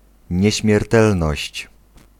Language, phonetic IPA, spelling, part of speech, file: Polish, [ˌɲɛ̇ɕmʲjɛrˈtɛlnɔɕt͡ɕ], nieśmiertelność, noun, Pl-nieśmiertelność.ogg